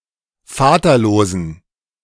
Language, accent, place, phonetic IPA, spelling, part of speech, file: German, Germany, Berlin, [ˈfaːtɐˌloːzn̩], vaterlosen, adjective, De-vaterlosen.ogg
- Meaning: inflection of vaterlos: 1. strong genitive masculine/neuter singular 2. weak/mixed genitive/dative all-gender singular 3. strong/weak/mixed accusative masculine singular 4. strong dative plural